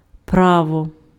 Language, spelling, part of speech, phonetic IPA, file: Ukrainian, право, noun, [ˈprawɔ], Uk-право.ogg
- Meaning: 1. right; claim 2. law, right 3. driver's license, driving licence (by metonymy, from the document granting driving rights)